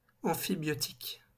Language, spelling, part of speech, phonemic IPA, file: French, amphibiotiques, adjective, /ɑ̃.fi.bjɔ.tik/, LL-Q150 (fra)-amphibiotiques.wav
- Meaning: plural of amphibiotique